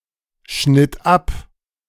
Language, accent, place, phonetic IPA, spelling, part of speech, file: German, Germany, Berlin, [ˌʃnɪt ˈap], schnitt ab, verb, De-schnitt ab.ogg
- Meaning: first/third-person singular preterite of abschneiden